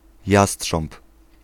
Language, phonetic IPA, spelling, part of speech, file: Polish, [ˈjasṭʃɔ̃mp], jastrząb, noun, Pl-jastrząb.ogg